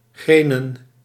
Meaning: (adjective) redwood, made of pinewood; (noun) plural of green (Pinus sylvestris)
- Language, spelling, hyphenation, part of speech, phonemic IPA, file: Dutch, grenen, gre‧nen, adjective / noun, /ˈɣreː.nə(n)/, Nl-grenen.ogg